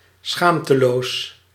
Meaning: shameless, impudent
- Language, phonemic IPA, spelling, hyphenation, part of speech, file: Dutch, /ˈsxaːm.təˌloːs/, schaamteloos, schaam‧te‧loos, adjective, Nl-schaamteloos.ogg